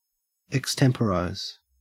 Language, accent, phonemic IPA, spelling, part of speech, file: English, Australia, /əkˈstɛmpəɹaɪz/, extemporise, verb, En-au-extemporise.ogg
- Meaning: 1. To do something, particularly to perform or speak, without prior planning or thought; to act in an impromptu manner; to improvise 2. To do something in a makeshift way